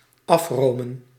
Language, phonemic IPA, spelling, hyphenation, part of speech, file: Dutch, /ˈɑfˌroː.mə(n)/, afromen, af‧ro‧men, verb, Nl-afromen.ogg
- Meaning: to skim: 1. to remove cream 2. to scrape off; remove (something) from a surface 3. to economise, to cut budget